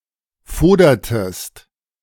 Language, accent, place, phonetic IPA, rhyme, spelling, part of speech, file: German, Germany, Berlin, [ˈfoːdɐtəst], -oːdɐtəst, fodertest, verb, De-fodertest.ogg
- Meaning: inflection of fodern: 1. second-person singular preterite 2. second-person singular subjunctive II